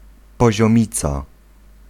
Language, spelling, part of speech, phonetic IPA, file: Polish, poziomica, noun, [ˌpɔʑɔ̃ˈmʲit͡sa], Pl-poziomica.ogg